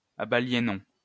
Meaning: inflection of abaliéner: 1. first-person plural imperfect indicative 2. first-person plural present subjunctive
- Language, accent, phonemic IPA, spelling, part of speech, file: French, France, /a.ba.lje.njɔ̃/, abaliénions, verb, LL-Q150 (fra)-abaliénions.wav